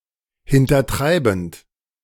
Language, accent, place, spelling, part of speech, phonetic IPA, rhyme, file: German, Germany, Berlin, hintertreibend, verb, [hɪntɐˈtʁaɪ̯bn̩t], -aɪ̯bn̩t, De-hintertreibend.ogg
- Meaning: present participle of hintertreiben